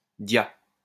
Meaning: yah!, cry to make (a) working animal(s) etc. advance or turn left
- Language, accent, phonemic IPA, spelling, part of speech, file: French, France, /dja/, dia, interjection, LL-Q150 (fra)-dia.wav